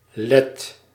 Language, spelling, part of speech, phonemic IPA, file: Dutch, Let, noun, /lɛt/, Nl-Let.ogg
- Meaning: Latvian (a man from Latvia)